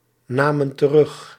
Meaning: inflection of terugnemen: 1. plural past indicative 2. plural past subjunctive
- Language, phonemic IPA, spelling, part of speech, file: Dutch, /ˈnamə(n) t(ə)ˈrʏx/, namen terug, verb, Nl-namen terug.ogg